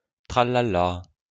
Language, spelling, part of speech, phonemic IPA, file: French, tralala, interjection, /tʁa.la.la/, LL-Q150 (fra)-tralala.wav
- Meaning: tra-la-la